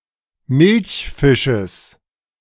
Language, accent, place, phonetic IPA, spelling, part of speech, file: German, Germany, Berlin, [ˈmɪlçˌfɪʃəs], Milchfisches, noun, De-Milchfisches.ogg
- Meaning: genitive singular of Milchfisch